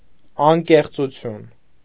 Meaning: frankness, sincerity
- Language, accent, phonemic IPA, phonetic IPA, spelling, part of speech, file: Armenian, Eastern Armenian, /ɑnkeχt͡suˈtʰjun/, [ɑŋkeχt͡sut͡sʰjún], անկեղծություն, noun, Hy-անկեղծություն.ogg